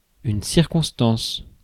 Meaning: circumstance, situation
- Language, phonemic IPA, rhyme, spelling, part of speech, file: French, /siʁ.kɔ̃s.tɑ̃s/, -ɑ̃s, circonstance, noun, Fr-circonstance.ogg